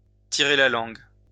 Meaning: to stick one's tongue out
- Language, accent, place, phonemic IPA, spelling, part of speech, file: French, France, Lyon, /ti.ʁe la lɑ̃ɡ/, tirer la langue, verb, LL-Q150 (fra)-tirer la langue.wav